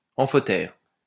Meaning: amphoteric
- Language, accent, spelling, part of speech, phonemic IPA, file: French, France, amphotère, adjective, /ɑ̃.fɔ.tɛʁ/, LL-Q150 (fra)-amphotère.wav